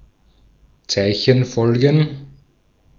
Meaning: plural of Zeichenfolge
- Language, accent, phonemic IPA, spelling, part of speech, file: German, Austria, /ˈt͡saɪ̯çənˌfɔlɡən/, Zeichenfolgen, noun, De-at-Zeichenfolgen.ogg